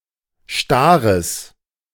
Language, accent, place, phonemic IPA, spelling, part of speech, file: German, Germany, Berlin, /ˈʃtaːʁəs/, Stares, noun, De-Stares.ogg
- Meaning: genitive singular of Star